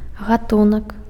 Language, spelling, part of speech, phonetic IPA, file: Belarusian, гатунак, noun, [ɣaˈtunak], Be-гатунак.ogg
- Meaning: kind, sort, class